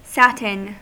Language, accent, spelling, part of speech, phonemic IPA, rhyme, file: English, US, satin, noun / adjective / verb, /ˈsæt.ɪn/, -ætɪn, En-us-satin.ogg
- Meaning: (noun) 1. A cloth woven from silk, nylon or polyester with a glossy surface and a dull back. (The same weaving technique applied to cotton produces cloth termed sateen) 2. Gin (the drink)